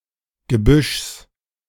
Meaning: genitive singular of Gebüsch
- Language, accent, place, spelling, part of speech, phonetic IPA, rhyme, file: German, Germany, Berlin, Gebüschs, noun, [ɡəˈbʏʃs], -ʏʃs, De-Gebüschs.ogg